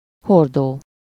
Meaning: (verb) present participle of hord: carrying, bearing; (noun) barrel, keg, cask, butt
- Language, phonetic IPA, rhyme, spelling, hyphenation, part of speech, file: Hungarian, [ˈhordoː], -doː, hordó, hor‧dó, verb / noun, Hu-hordó.ogg